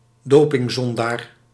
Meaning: a doper:someone, usually a professional sportsperson, who has violated doping rules
- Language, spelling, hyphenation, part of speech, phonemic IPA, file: Dutch, dopingzondaar, do‧ping‧zon‧daar, noun, /ˈdoː.pɪŋˌzɔn.daːr/, Nl-dopingzondaar.ogg